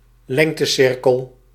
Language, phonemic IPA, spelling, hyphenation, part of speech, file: Dutch, /ˈlɛŋ.təˌsɪr.kəl/, lengtecirkel, leng‧te‧cir‧kel, noun, Nl-lengtecirkel.ogg
- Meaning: meridian (great circle passing through the geographic poles)